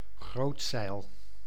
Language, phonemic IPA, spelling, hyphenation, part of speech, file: Dutch, /ˈɣroːt.sɛi̯l/, grootzeil, groot‧zeil, noun, Nl-grootzeil.ogg
- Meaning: mainsail, the largest sail of a sailing vessel, typically a sail of the largest mast